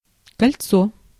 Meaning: 1. ring 2. ring, annulus 3. hoop 4. webring 5. roundabout (a road junction at which traffic streams circularly around a central island)
- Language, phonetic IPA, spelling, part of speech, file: Russian, [kɐlʲˈt͡so], кольцо, noun, Ru-кольцо.ogg